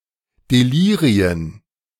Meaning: plural of Delirium
- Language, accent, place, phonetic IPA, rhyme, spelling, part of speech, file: German, Germany, Berlin, [deˈliːʁiən], -iːʁiən, Delirien, noun, De-Delirien.ogg